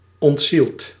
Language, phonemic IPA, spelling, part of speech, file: Dutch, /ɔntˈsilt/, ontzield, verb / adjective, Nl-ontzield.ogg
- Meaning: dead